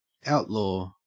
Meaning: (noun) 1. A fugitive from the law 2. A criminal who is excluded from normal legal rights; one who can be killed at will without legal penalty 3. A person who operates outside established norms
- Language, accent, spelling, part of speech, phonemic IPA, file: English, Australia, outlaw, noun / verb, /ˈæɔt.loː/, En-au-outlaw.ogg